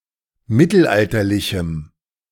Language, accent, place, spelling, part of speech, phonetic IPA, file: German, Germany, Berlin, mittelalterlichem, adjective, [ˈmɪtl̩ˌʔaltɐlɪçm̩], De-mittelalterlichem.ogg
- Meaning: strong dative masculine/neuter singular of mittelalterlich